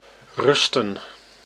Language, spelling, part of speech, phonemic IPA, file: Dutch, rusten, verb, /ˈrʏstə(n)/, Nl-rusten.ogg
- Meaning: 1. to rest 2. to lie, be supported (by something) 3. to equip, to provide with what is needed